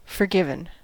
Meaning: past participle of forgive
- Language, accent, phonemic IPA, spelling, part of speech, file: English, US, /fɚˈɡɪv.n̩/, forgiven, verb, En-us-forgiven.ogg